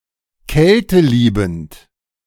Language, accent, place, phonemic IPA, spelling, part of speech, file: German, Germany, Berlin, /ˈkɛltəˌliːbm̩t/, kälteliebend, adjective, De-kälteliebend.ogg
- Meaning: cryophilic